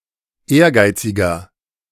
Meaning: 1. comparative degree of ehrgeizig 2. inflection of ehrgeizig: strong/mixed nominative masculine singular 3. inflection of ehrgeizig: strong genitive/dative feminine singular
- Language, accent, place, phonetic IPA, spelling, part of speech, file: German, Germany, Berlin, [ˈeːɐ̯ˌɡaɪ̯t͡sɪɡɐ], ehrgeiziger, adjective, De-ehrgeiziger.ogg